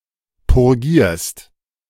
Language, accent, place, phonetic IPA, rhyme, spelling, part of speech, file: German, Germany, Berlin, [pʊʁˈɡiːɐ̯st], -iːɐ̯st, purgierst, verb, De-purgierst.ogg
- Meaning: second-person singular present of purgieren